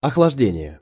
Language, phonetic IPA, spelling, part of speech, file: Russian, [ɐxɫɐʐˈdʲenʲɪje], охлаждение, noun, Ru-охлаждение.ogg
- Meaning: cooling